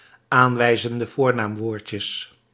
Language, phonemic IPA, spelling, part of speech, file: Dutch, /ˈaɱwɛizəndə ˈvornamˌwordcəs/, aanwijzende voornaamwoordjes, phrase, Nl-aanwijzende voornaamwoordjes.ogg
- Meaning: plural of aanwijzend voornaamwoordje